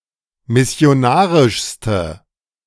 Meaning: inflection of missionarisch: 1. strong/mixed nominative/accusative feminine singular superlative degree 2. strong nominative/accusative plural superlative degree
- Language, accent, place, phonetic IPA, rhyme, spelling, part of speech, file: German, Germany, Berlin, [mɪsi̯oˈnaːʁɪʃstə], -aːʁɪʃstə, missionarischste, adjective, De-missionarischste.ogg